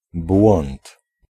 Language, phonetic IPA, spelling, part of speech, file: Polish, [bwɔ̃nt], błąd, noun / interjection, Pl-błąd.ogg